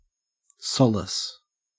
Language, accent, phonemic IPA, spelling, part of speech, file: English, Australia, /ˈsɔl.ɪs/, solace, noun / verb, En-au-solace.ogg
- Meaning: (noun) 1. Comfort or consolation in a time of loneliness or distress 2. A source of comfort or consolation; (verb) 1. To give solace to; comfort; cheer; console 2. To allay or assuage